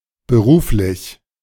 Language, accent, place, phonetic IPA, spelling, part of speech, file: German, Germany, Berlin, [bəˈʁuːflɪç], beruflich, adjective, De-beruflich.ogg
- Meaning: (adjective) professional; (adverb) professionally